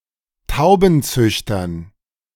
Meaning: dative plural of Taubenzüchter
- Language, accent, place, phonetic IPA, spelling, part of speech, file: German, Germany, Berlin, [ˈtaʊ̯bn̩ˌt͡sʏçtɐn], Taubenzüchtern, noun, De-Taubenzüchtern.ogg